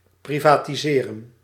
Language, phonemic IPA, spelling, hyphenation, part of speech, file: Dutch, /ˌpri.vaː.tiˈzeː.rə(n)/, privatiseren, pri‧va‧ti‧se‧ren, verb, Nl-privatiseren.ogg
- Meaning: 1. to privatise (UK, Australia), privatize (North America) 2. to live as a private civilian (not holding office or serving in the military), often without an occupation